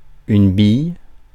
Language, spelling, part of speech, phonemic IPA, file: French, bille, noun / verb, /bij/, Fr-bille.ogg
- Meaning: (noun) 1. marble (spherical ball) 2. ball 3. ball bearing 4. dimwit 5. tree trunk (chopped down, ready for sawing) 6. railway sleeper 7. rolling pin